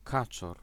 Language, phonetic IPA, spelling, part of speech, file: Polish, [ˈkat͡ʃɔr], kaczor, noun, Pl-kaczor.ogg